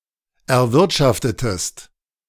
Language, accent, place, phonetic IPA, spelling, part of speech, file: German, Germany, Berlin, [ɛɐ̯ˈvɪʁtʃaftətəst], erwirtschaftetest, verb, De-erwirtschaftetest.ogg
- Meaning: inflection of erwirtschaften: 1. second-person singular preterite 2. second-person singular subjunctive II